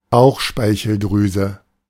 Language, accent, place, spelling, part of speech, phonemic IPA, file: German, Germany, Berlin, Bauchspeicheldrüse, noun, /ˈbaʊχʃpaɪçəlˌdʁyːzə/, De-Bauchspeicheldrüse.ogg
- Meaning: pancreas